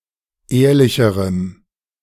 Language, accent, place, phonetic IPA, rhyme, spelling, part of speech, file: German, Germany, Berlin, [ˈeːɐ̯lɪçəʁəm], -eːɐ̯lɪçəʁəm, ehrlicherem, adjective, De-ehrlicherem.ogg
- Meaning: strong dative masculine/neuter singular comparative degree of ehrlich